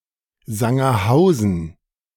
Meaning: a town, the administrative seat of Mansfeld-Südharz district, Saxony-Anhalt
- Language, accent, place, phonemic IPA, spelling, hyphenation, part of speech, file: German, Germany, Berlin, /zaŋɐˈhaʊ̯zn̩/, Sangerhausen, San‧ger‧hau‧sen, proper noun, De-Sangerhausen.ogg